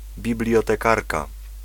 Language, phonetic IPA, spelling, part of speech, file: Polish, [ˌbʲiblʲjɔtɛˈkarka], bibliotekarka, noun, Pl-bibliotekarka.ogg